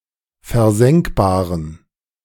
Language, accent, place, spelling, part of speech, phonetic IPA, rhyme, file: German, Germany, Berlin, versenkbaren, adjective, [fɛɐ̯ˈzɛŋkbaːʁən], -ɛŋkbaːʁən, De-versenkbaren.ogg
- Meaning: inflection of versenkbar: 1. strong genitive masculine/neuter singular 2. weak/mixed genitive/dative all-gender singular 3. strong/weak/mixed accusative masculine singular 4. strong dative plural